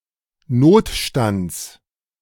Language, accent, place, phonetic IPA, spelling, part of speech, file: German, Germany, Berlin, [ˈnoːtˌʃtant͡s], Notstands, noun, De-Notstands.ogg
- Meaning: genitive singular of Notstand